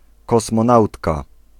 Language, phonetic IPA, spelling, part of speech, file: Polish, [ˌkɔsmɔ̃ˈnawtka], kosmonautka, noun, Pl-kosmonautka.ogg